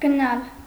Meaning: 1. to go 2. to go away, to leave, to depart 3. to go out 4. to attend, to go (e.g., school) 5. to go into, to enter 6. to be buried, to be thrust, to sink 7. to pass, to pass through, to go through
- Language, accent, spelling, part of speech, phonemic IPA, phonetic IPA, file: Armenian, Eastern Armenian, գնալ, verb, /ɡəˈnɑl/, [ɡənɑ́l], Hy-գնալ.ogg